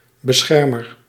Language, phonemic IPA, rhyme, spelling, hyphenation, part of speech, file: Dutch, /bəˈsxɛr.mər/, -ɛrmər, beschermer, be‧scher‧mer, noun, Nl-beschermer.ogg
- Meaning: protector, guardian